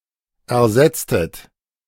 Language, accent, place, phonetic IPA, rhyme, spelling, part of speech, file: German, Germany, Berlin, [ɛɐ̯ˈzɛt͡stət], -ɛt͡stət, ersetztet, verb, De-ersetztet.ogg
- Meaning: inflection of ersetzen: 1. second-person plural preterite 2. second-person plural subjunctive II